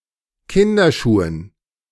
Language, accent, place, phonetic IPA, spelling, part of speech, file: German, Germany, Berlin, [ˈkɪndɐˌʃuːən], Kinderschuhen, noun, De-Kinderschuhen.ogg
- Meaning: dative plural of Kinderschuh